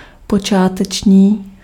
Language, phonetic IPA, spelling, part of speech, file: Czech, [ˈpot͡ʃaːtɛt͡ʃɲiː], počáteční, adjective, Cs-počáteční.ogg
- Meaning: initial